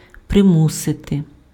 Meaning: to force, to coerce, to compel
- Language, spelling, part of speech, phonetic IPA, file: Ukrainian, примусити, verb, [preˈmusete], Uk-примусити.ogg